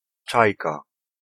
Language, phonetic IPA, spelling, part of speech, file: Polish, [ˈt͡ʃajka], czajka, noun, Pl-czajka.ogg